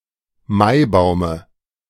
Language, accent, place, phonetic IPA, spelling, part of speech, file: German, Germany, Berlin, [ˈmaɪ̯ˌbaʊ̯mə], Maibaume, noun, De-Maibaume.ogg
- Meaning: dative singular of Maibaum